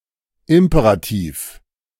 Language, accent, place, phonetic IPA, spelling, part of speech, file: German, Germany, Berlin, [ˈɪmpeʁatiːf], Imperativ, noun, De-Imperativ.ogg
- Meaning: imperative (verbal mood)